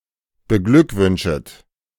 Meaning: second-person plural subjunctive I of beglückwünschen
- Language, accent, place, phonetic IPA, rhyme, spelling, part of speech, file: German, Germany, Berlin, [bəˈɡlʏkˌvʏnʃət], -ʏkvʏnʃət, beglückwünschet, verb, De-beglückwünschet.ogg